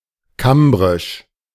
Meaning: Cambrian
- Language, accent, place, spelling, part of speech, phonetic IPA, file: German, Germany, Berlin, kambrisch, adjective, [ˈkambʁɪʃ], De-kambrisch.ogg